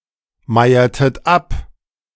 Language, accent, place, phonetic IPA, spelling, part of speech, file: German, Germany, Berlin, [ˌmaɪ̯ɐtət ˈap], meiertet ab, verb, De-meiertet ab.ogg
- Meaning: inflection of abmeiern: 1. second-person plural preterite 2. second-person plural subjunctive II